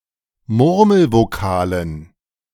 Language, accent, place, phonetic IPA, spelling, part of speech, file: German, Germany, Berlin, [ˈmʊʁml̩voˌkaːlən], Murmelvokalen, noun, De-Murmelvokalen.ogg
- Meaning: dative plural of Murmelvokal